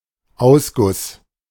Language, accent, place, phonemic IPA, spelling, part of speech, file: German, Germany, Berlin, /ˈaʊ̯sˌɡʊs/, Ausguss, noun, De-Ausguss.ogg
- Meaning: 1. drain; plughole (especially in the kitchen) 2. spout